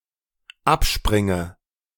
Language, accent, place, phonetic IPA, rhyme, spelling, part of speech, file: German, Germany, Berlin, [ˈapˌʃpʁɪŋə], -apʃpʁɪŋə, abspringe, verb, De-abspringe.ogg
- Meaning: inflection of abspringen: 1. first-person singular dependent present 2. first/third-person singular dependent subjunctive I